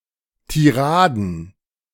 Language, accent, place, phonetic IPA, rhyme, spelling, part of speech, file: German, Germany, Berlin, [tiˈʁaːdn̩], -aːdn̩, Tiraden, noun, De-Tiraden.ogg
- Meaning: plural of Tirade